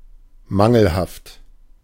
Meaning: 1. defective 2. being of an academic grade not allowing to pass due to containing deficiencies evidencing uselessness on the whole, E
- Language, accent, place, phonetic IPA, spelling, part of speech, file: German, Germany, Berlin, [ˈmaŋl̩haft], mangelhaft, adjective, De-mangelhaft.ogg